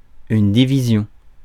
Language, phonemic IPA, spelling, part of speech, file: French, /di.vi.zjɔ̃/, division, noun, Fr-division.ogg
- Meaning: 1. division (act or process of dividing) 2. division 3. division (subsection)